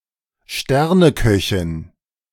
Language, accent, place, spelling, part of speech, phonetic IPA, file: German, Germany, Berlin, Sterneköchin, noun, [ˈʃtɛʁnəˌkœçɪn], De-Sterneköchin.ogg
- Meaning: female equivalent of Sternekoch